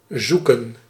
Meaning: 1. to search 2. to look for, to seek
- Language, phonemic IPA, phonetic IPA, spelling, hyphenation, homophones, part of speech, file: Dutch, /ˈzu.kə(n)/, [ˈzuː.kə(n)], zoeken, zoe‧ken, Zoeke, verb, Nl-zoeken.ogg